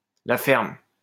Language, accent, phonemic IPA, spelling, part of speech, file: French, France, /la fɛʁm/, la ferme, interjection, LL-Q150 (fra)-la ferme.wav
- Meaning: shut up